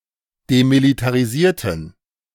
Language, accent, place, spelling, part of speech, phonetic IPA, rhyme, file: German, Germany, Berlin, demilitarisierten, adjective, [demilitaʁiˈziːɐ̯tn̩], -iːɐ̯tn̩, De-demilitarisierten.ogg
- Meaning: inflection of demilitarisiert: 1. strong genitive masculine/neuter singular 2. weak/mixed genitive/dative all-gender singular 3. strong/weak/mixed accusative masculine singular 4. strong dative plural